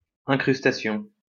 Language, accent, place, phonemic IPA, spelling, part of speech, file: French, France, Lyon, /ɛ̃.kʁys.ta.sjɔ̃/, incrustation, noun, LL-Q150 (fra)-incrustation.wav
- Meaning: 1. incrustation 2. chromakey